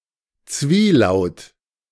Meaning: diphthong
- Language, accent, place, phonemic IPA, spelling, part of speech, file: German, Germany, Berlin, /ˈt͡sviːˌlaʊ̯t/, Zwielaut, noun, De-Zwielaut.ogg